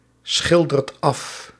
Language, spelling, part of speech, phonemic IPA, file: Dutch, schildert af, verb, /ˈsxɪldərt ˈɑf/, Nl-schildert af.ogg
- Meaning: inflection of afschilderen: 1. second/third-person singular present indicative 2. plural imperative